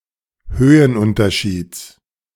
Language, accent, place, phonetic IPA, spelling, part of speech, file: German, Germany, Berlin, [ˈhøːənˌʔʊntɐʃiːt͡s], Höhenunterschieds, noun, De-Höhenunterschieds.ogg
- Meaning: genitive singular of Höhenunterschied